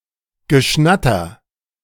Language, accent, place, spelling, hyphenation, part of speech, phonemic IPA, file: German, Germany, Berlin, Geschnatter, Ge‧schnat‧ter, noun, /ɡəˈʃnatɐ/, De-Geschnatter.ogg
- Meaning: quacking